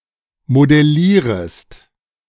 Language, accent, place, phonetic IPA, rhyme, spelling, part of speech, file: German, Germany, Berlin, [modɛˈliːʁəst], -iːʁəst, modellierest, verb, De-modellierest.ogg
- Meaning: second-person singular subjunctive I of modellieren